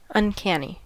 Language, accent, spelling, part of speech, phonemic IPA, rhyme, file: English, US, uncanny, adjective / noun, /ʌnˈkæni/, -æni, En-us-uncanny.ogg
- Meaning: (adjective) 1. Strange, and mysteriously unsettling (as if supernatural); weird 2. Careless; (noun) Something that is simultaneously familiar and strange, typically leading to feelings of discomfort